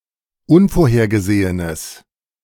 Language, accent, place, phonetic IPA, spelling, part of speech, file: German, Germany, Berlin, [ˈʊnfoːɐ̯heːɐ̯ɡəˌzeːənəs], unvorhergesehenes, adjective, De-unvorhergesehenes.ogg
- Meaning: strong/mixed nominative/accusative neuter singular of unvorhergesehen